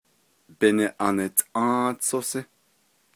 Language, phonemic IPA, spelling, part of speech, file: Navajo, /pɪ̀nɪ̀ʔɑ́n(ɪ̀)tʼɑ̃́ːt͡sʼózɪ́/, Biniʼantʼą́ą́tsʼózí, noun, Nv-Biniʼantʼą́ą́tsʼózí.ogg
- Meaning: August